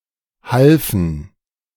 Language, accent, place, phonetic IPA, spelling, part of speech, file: German, Germany, Berlin, [ˈhalfn̩], halfen, verb, De-halfen.ogg
- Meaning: first/third-person plural preterite of helfen